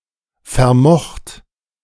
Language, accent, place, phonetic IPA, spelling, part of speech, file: German, Germany, Berlin, [fɛɐ̯ˈmɔxt], vermocht, verb, De-vermocht.ogg
- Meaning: past participle of vermögen